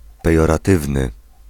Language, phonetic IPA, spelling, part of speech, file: Polish, [ˌpɛjɔraˈtɨvnɨ], pejoratywny, adjective, Pl-pejoratywny.ogg